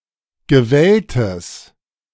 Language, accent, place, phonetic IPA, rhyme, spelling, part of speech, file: German, Germany, Berlin, [ɡəˈvɛltəs], -ɛltəs, gewelltes, adjective, De-gewelltes.ogg
- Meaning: strong/mixed nominative/accusative neuter singular of gewellt